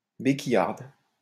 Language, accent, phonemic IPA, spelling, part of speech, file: French, France, /be.ki.jaʁd/, béquillarde, noun, LL-Q150 (fra)-béquillarde.wav
- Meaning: female equivalent of béquillard